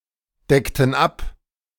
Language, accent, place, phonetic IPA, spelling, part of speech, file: German, Germany, Berlin, [ˌdɛktn̩ ˈap], deckten ab, verb, De-deckten ab.ogg
- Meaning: inflection of abdecken: 1. first/third-person plural preterite 2. first/third-person plural subjunctive II